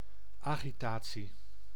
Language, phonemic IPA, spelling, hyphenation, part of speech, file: Dutch, /ɑɣiˈtaː(t)si/, agitatie, agi‧ta‧tie, noun, Nl-agitatie.ogg
- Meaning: agitation